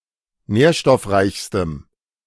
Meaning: strong dative masculine/neuter singular superlative degree of nährstoffreich
- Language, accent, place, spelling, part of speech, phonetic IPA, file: German, Germany, Berlin, nährstoffreichstem, adjective, [ˈnɛːɐ̯ʃtɔfˌʁaɪ̯çstəm], De-nährstoffreichstem.ogg